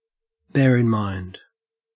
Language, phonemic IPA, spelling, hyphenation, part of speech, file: English, /ˌbeː ɪn ˈmɑe̯nd/, bear in mind, bear in mind, verb, En-au-bear in mind.ogg
- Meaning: To hold (something) in the memory; to remember; also, to be mindful of or pay attention to (something); to consider; to note